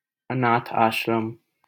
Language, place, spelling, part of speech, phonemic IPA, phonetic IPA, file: Hindi, Delhi, अनाथ आश्रम, noun, /ə.nɑːt̪ʰ ɑːʃ.ɾəm/, [ɐ.näːt̪ʰ‿äːʃ.ɾɐ̃m], LL-Q1568 (hin)-अनाथ आश्रम.wav
- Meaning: orphanage